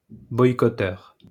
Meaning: boycotter
- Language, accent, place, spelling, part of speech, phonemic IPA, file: French, France, Lyon, boycotteur, noun, /bɔj.kɔ.tœʁ/, LL-Q150 (fra)-boycotteur.wav